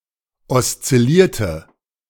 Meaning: inflection of oszillieren: 1. first/third-person singular preterite 2. first/third-person singular subjunctive II
- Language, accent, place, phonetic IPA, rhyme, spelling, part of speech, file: German, Germany, Berlin, [ɔst͡sɪˈliːɐ̯tə], -iːɐ̯tə, oszillierte, adjective / verb, De-oszillierte.ogg